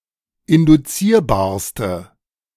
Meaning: inflection of induzierbar: 1. strong/mixed nominative/accusative feminine singular superlative degree 2. strong nominative/accusative plural superlative degree
- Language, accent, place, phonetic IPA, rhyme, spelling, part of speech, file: German, Germany, Berlin, [ɪndʊˈt͡siːɐ̯baːɐ̯stə], -iːɐ̯baːɐ̯stə, induzierbarste, adjective, De-induzierbarste.ogg